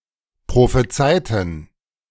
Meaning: inflection of prophezeien: 1. first/third-person plural preterite 2. first/third-person plural subjunctive II
- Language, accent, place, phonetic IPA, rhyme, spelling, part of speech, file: German, Germany, Berlin, [pʁofeˈt͡saɪ̯tn̩], -aɪ̯tn̩, prophezeiten, adjective / verb, De-prophezeiten.ogg